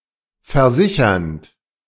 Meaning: present participle of versichern
- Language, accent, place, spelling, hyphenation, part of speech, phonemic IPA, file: German, Germany, Berlin, versichernd, ver‧si‧chernd, verb, /fɛɐ̯ˈzɪçɐnt/, De-versichernd.ogg